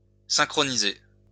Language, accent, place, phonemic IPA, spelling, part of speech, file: French, France, Lyon, /sɛ̃.kʁɔ.ni.ze/, synchronisé, verb / adjective, LL-Q150 (fra)-synchronisé.wav
- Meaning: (verb) past participle of synchroniser; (adjective) synchronized